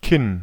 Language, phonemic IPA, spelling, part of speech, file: German, /kɪn/, Kinn, noun, De-Kinn.ogg
- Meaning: chin